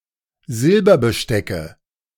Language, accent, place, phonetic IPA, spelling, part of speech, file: German, Germany, Berlin, [ˈzɪlbɐbəˌʃtɛkə], Silberbestecke, noun, De-Silberbestecke.ogg
- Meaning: nominative/accusative/genitive plural of Silberbesteck